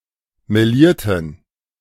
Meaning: inflection of melieren: 1. first/third-person plural preterite 2. first/third-person plural subjunctive II
- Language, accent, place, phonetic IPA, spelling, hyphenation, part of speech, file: German, Germany, Berlin, [meˈliːɐ̯tn̩], melierten, me‧lier‧ten, verb, De-melierten.ogg